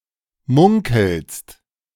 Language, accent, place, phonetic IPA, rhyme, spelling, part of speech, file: German, Germany, Berlin, [ˈmʊŋkl̩st], -ʊŋkl̩st, munkelst, verb, De-munkelst.ogg
- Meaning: second-person singular present of munkeln